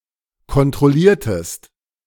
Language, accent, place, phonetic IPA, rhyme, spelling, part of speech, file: German, Germany, Berlin, [kɔntʁɔˈliːɐ̯təst], -iːɐ̯təst, kontrolliertest, verb, De-kontrolliertest.ogg
- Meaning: inflection of kontrollieren: 1. second-person singular preterite 2. second-person singular subjunctive II